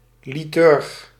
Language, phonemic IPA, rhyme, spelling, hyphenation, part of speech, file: Dutch, /liˈtʏrx/, -ʏrx, liturg, li‧turg, noun, Nl-liturg.ogg
- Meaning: a liturgist, one who prepares liturgy